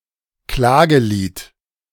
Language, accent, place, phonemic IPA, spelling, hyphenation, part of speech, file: German, Germany, Berlin, /ˈklaːɡəˌliːt/, Klagelied, Kla‧ge‧lied, noun, De-Klagelied.ogg
- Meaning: 1. lament, lamentation 2. elegy